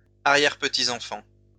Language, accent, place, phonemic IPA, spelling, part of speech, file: French, France, Lyon, /a.ʁjɛʁ.pə.ti.z‿ɑ̃.fɑ̃/, arrière-petits-enfants, noun, LL-Q150 (fra)-arrière-petits-enfants.wav
- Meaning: plural of arrière-petit-enfant